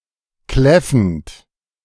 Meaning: present participle of kläffen
- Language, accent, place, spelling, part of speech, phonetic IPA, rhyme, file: German, Germany, Berlin, kläffend, verb, [ˈklɛfn̩t], -ɛfn̩t, De-kläffend.ogg